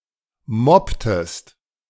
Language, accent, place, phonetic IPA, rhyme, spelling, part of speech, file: German, Germany, Berlin, [ˈmɔptəst], -ɔptəst, mopptest, verb, De-mopptest.ogg
- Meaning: inflection of moppen: 1. second-person singular preterite 2. second-person singular subjunctive II